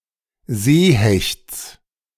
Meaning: genitive of Seehecht
- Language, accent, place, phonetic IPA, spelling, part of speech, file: German, Germany, Berlin, [ˈzeːˌhɛçt͡s], Seehechts, noun, De-Seehechts.ogg